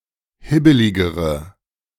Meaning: inflection of hibbelig: 1. strong/mixed nominative/accusative feminine singular comparative degree 2. strong nominative/accusative plural comparative degree
- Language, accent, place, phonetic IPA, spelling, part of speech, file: German, Germany, Berlin, [ˈhɪbəlɪɡəʁə], hibbeligere, adjective, De-hibbeligere.ogg